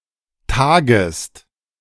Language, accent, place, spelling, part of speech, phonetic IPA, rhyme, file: German, Germany, Berlin, tagest, verb, [ˈtaːɡəst], -aːɡəst, De-tagest.ogg
- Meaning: second-person singular subjunctive I of tagen